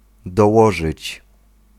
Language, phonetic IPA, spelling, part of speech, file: Polish, [dɔˈwɔʒɨt͡ɕ], dołożyć, verb, Pl-dołożyć.ogg